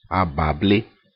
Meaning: pineapple
- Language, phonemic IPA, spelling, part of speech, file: Ewe, /à.bà.blé/, abable, noun, Ee-abable.ogg